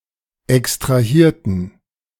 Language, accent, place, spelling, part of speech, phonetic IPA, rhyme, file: German, Germany, Berlin, extrahierten, adjective / verb, [ɛkstʁaˈhiːɐ̯tn̩], -iːɐ̯tn̩, De-extrahierten.ogg
- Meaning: inflection of extrahieren: 1. first/third-person plural preterite 2. first/third-person plural subjunctive II